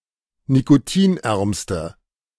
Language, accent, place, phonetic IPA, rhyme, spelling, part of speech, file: German, Germany, Berlin, [nikoˈtiːnˌʔɛʁmstə], -iːnʔɛʁmstə, nikotinärmste, adjective, De-nikotinärmste.ogg
- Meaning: inflection of nikotinarm: 1. strong/mixed nominative/accusative feminine singular superlative degree 2. strong nominative/accusative plural superlative degree